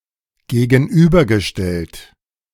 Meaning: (verb) past participle of gegenüberstellen; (adjective) 1. contrasted 2. opposed 3. confronted
- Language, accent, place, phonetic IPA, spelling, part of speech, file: German, Germany, Berlin, [ɡeːɡn̩ˈʔyːbɐɡəˌʃtɛlt], gegenübergestellt, verb, De-gegenübergestellt.ogg